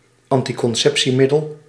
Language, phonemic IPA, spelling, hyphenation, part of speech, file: Dutch, /ɑn.ti.kɔnˈsɛp.siˌmɪ.dəl/, anticonceptiemiddel, an‧ti‧con‧cep‧tie‧mid‧del, noun, Nl-anticonceptiemiddel.ogg
- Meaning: synonym of voorbehoedsmiddel